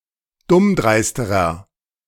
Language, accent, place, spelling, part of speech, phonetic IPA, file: German, Germany, Berlin, dummdreisterer, adjective, [ˈdʊmˌdʁaɪ̯stəʁɐ], De-dummdreisterer.ogg
- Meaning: inflection of dummdreist: 1. strong/mixed nominative masculine singular comparative degree 2. strong genitive/dative feminine singular comparative degree 3. strong genitive plural comparative degree